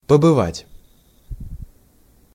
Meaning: to be at, to visit, to stay with
- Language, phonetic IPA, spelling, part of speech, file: Russian, [pəbɨˈvatʲ], побывать, verb, Ru-побывать.ogg